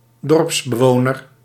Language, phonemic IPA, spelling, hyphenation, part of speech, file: Dutch, /ˈdɔrps.bəˌʋoː.nər/, dorpsbewoner, dorps‧be‧wo‧ner, noun, Nl-dorpsbewoner.ogg
- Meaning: villager